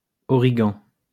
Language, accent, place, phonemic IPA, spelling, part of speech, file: French, France, Lyon, /ɔ.ʁi.ɡɑ̃/, origan, noun, LL-Q150 (fra)-origan.wav
- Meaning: 1. oregano (the plant) 2. oregano (the herb)